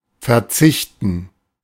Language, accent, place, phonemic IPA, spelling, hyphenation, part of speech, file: German, Germany, Berlin, /ferˈtsɪçtən/, verzichten, ver‧zich‧ten, verb, De-verzichten.ogg
- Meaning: 1. to give up, to go without, to live without, to make do without, to do without, to forgo, to dispense with 2. to refrain from, to abstain, to renounce, to forswear